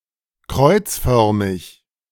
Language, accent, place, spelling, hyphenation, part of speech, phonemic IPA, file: German, Germany, Berlin, kreuzförmig, kreuz‧för‧mig, adjective, /ˈkʁɔʏ̯t͡sˌfœʁmɪç/, De-kreuzförmig.ogg
- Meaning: cruciform